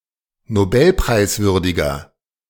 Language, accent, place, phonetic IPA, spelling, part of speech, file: German, Germany, Berlin, [noˈbɛlpʁaɪ̯sˌvʏʁdɪɡɐ], nobelpreiswürdiger, adjective, De-nobelpreiswürdiger.ogg
- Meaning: 1. comparative degree of nobelpreiswürdig 2. inflection of nobelpreiswürdig: strong/mixed nominative masculine singular 3. inflection of nobelpreiswürdig: strong genitive/dative feminine singular